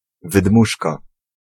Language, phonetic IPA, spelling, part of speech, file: Polish, [vɨˈdmuʃka], wydmuszka, noun, Pl-wydmuszka.ogg